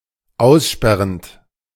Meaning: present participle of aussperren
- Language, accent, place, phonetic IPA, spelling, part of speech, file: German, Germany, Berlin, [ˈaʊ̯sˌʃpɛʁənt], aussperrend, verb, De-aussperrend.ogg